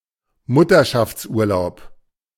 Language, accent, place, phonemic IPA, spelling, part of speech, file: German, Germany, Berlin, /ˈmʊtɐʃaftsˌuːɐlaʊp/, Mutterschaftsurlaub, noun, De-Mutterschaftsurlaub.ogg
- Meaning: maternity leave (leave of absence)